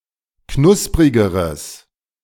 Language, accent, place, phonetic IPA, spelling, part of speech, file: German, Germany, Berlin, [ˈknʊspʁɪɡəʁəs], knusprigeres, adjective, De-knusprigeres.ogg
- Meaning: strong/mixed nominative/accusative neuter singular comparative degree of knusprig